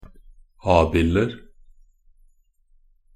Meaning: indefinite plural of abild
- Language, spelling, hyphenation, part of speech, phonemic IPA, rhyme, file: Norwegian Bokmål, abilder, ab‧ild‧er, noun, /ˈɑːbɪlər/, -ər, Nb-abilder.ogg